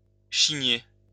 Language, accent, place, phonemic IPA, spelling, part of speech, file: French, France, Lyon, /ʃi.ɲe/, chigner, verb, LL-Q150 (fra)-chigner.wav
- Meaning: to whine, moan, complain, or grumble in a childish manner. (followed by de to mean "about")